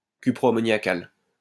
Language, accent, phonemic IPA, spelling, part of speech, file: French, France, /ky.pʁo.a.mɔ.nja.kal/, cuproammoniacal, adjective, LL-Q150 (fra)-cuproammoniacal.wav
- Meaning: cuprammonium (atributive)